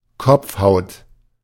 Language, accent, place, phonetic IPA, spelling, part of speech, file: German, Germany, Berlin, [ˈkɔp͡fˌhaʊ̯t], Kopfhaut, noun, De-Kopfhaut.ogg
- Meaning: scalp (skin on the head where the hair grows)